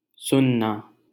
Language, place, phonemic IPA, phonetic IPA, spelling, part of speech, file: Hindi, Delhi, /sʊn.nɑː/, [sʊ̃n.näː], सुनना, verb, LL-Q1568 (hin)-सुनना.wav
- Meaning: 1. to listen, hear 2. to take abuse passively, to bear, suffer silently